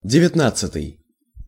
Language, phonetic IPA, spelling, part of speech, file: Russian, [dʲɪvʲɪtˈnat͡s(ː)ɨtɨj], девятнадцатый, adjective, Ru-девятнадцатый.ogg
- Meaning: nineteenth